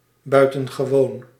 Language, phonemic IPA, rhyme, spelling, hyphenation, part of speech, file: Dutch, /ˌbœy̯.tə(n).ɣəˈʋoːn/, -oːn, buitengewoon, bui‧ten‧ge‧woon, adjective / adverb, Nl-buitengewoon.ogg
- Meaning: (adjective) extraordinary; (adverb) extraordinarily, extremely, very (used as an intensifier)